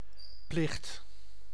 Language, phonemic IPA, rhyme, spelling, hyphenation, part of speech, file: Dutch, /plɪxt/, -ɪxt, plicht, plicht, noun, Nl-plicht.ogg
- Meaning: duty, obligation